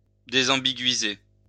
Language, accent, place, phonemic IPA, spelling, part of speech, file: French, France, Lyon, /de.zɑ̃.bi.ɡɥi.ze/, désambiguïser, verb, LL-Q150 (fra)-désambiguïser.wav
- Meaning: to disambiguate